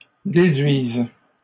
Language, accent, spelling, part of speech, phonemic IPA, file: French, Canada, déduisent, verb, /de.dɥiz/, LL-Q150 (fra)-déduisent.wav
- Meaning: third-person plural present indicative/subjunctive of déduire